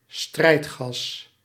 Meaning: military poison gas
- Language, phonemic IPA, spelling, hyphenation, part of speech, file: Dutch, /ˈstrɛi̯t.xɑs/, strijdgas, strijd‧gas, noun, Nl-strijdgas.ogg